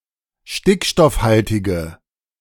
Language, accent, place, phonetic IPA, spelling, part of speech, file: German, Germany, Berlin, [ˈʃtɪkʃtɔfˌhaltɪɡə], stickstoffhaltige, adjective, De-stickstoffhaltige.ogg
- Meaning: inflection of stickstoffhaltig: 1. strong/mixed nominative/accusative feminine singular 2. strong nominative/accusative plural 3. weak nominative all-gender singular